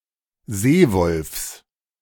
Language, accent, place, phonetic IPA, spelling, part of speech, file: German, Germany, Berlin, [ˈzeːˌvɔlfs], Seewolfs, noun, De-Seewolfs.ogg
- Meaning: genitive singular of Seewolf